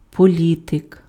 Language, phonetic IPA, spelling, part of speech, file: Ukrainian, [poˈlʲitek], політик, noun, Uk-політик.ogg
- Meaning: politician